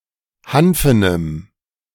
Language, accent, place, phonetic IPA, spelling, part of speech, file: German, Germany, Berlin, [ˈhanfənəm], hanfenem, adjective, De-hanfenem.ogg
- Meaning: strong dative masculine/neuter singular of hanfen